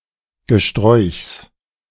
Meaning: genitive singular of Gesträuch
- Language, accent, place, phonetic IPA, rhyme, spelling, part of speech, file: German, Germany, Berlin, [ɡəˈʃtʁɔɪ̯çs], -ɔɪ̯çs, Gesträuchs, noun, De-Gesträuchs.ogg